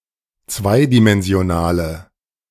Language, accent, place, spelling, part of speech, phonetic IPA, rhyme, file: German, Germany, Berlin, zweidimensionale, adjective, [ˈt͡svaɪ̯dimɛnzi̯oˌnaːlə], -aɪ̯dimɛnzi̯onaːlə, De-zweidimensionale.ogg
- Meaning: inflection of zweidimensional: 1. strong/mixed nominative/accusative feminine singular 2. strong nominative/accusative plural 3. weak nominative all-gender singular